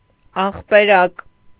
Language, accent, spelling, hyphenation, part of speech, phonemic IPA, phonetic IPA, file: Armenian, Eastern Armenian, աղբերակ, աղ‧բե‧րակ, noun, /ɑχpeˈɾɑk/, [ɑχpeɾɑ́k], Hy-աղբերակ.ogg
- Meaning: fountainhead, source